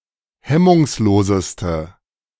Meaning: inflection of hemmungslos: 1. strong/mixed nominative/accusative feminine singular superlative degree 2. strong nominative/accusative plural superlative degree
- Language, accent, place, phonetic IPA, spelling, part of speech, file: German, Germany, Berlin, [ˈhɛmʊŋsˌloːzəstə], hemmungsloseste, adjective, De-hemmungsloseste.ogg